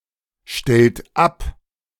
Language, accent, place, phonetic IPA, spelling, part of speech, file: German, Germany, Berlin, [ˌʃtɛlt ˈap], stellt ab, verb, De-stellt ab.ogg
- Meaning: inflection of abstellen: 1. second-person plural present 2. third-person singular present 3. plural imperative